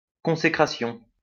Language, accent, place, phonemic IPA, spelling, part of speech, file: French, France, Lyon, /kɔ̃.se.kʁa.sjɔ̃/, consécration, noun, LL-Q150 (fra)-consécration.wav
- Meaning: consecration